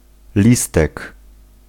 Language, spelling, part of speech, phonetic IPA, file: Polish, listek, noun, [ˈlʲistɛk], Pl-listek.ogg